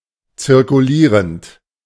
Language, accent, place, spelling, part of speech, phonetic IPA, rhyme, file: German, Germany, Berlin, zirkulierend, verb, [t͡sɪʁkuˈliːʁənt], -iːʁənt, De-zirkulierend.ogg
- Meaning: present participle of zirkulieren